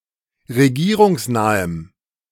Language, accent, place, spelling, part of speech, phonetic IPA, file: German, Germany, Berlin, regierungsnahem, adjective, [ʁeˈɡiːʁʊŋsˌnaːəm], De-regierungsnahem.ogg
- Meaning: strong dative masculine/neuter singular of regierungsnah